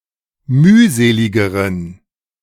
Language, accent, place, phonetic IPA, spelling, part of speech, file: German, Germany, Berlin, [ˈmyːˌzeːlɪɡəʁən], mühseligeren, adjective, De-mühseligeren.ogg
- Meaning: inflection of mühselig: 1. strong genitive masculine/neuter singular comparative degree 2. weak/mixed genitive/dative all-gender singular comparative degree